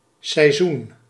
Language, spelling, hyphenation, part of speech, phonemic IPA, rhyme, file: Dutch, seizoen, sei‧zoen, noun, /sɛi̯ˈzun/, -un, Nl-seizoen.ogg
- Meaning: 1. a season, major part of the year 2. a season, term or period used for a certain activity or when something occurs